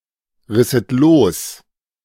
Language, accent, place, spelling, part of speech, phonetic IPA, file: German, Germany, Berlin, risset los, verb, [ˌʁɪsət ˈloːs], De-risset los.ogg
- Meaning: second-person plural subjunctive II of losreißen